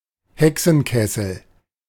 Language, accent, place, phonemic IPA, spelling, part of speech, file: German, Germany, Berlin, /ˈhɛksn̩ˌkɛsl̩/, Hexenkessel, noun, De-Hexenkessel.ogg
- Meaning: 1. witches' cauldron 2. boiling pot, boiling point, lions' den, uproar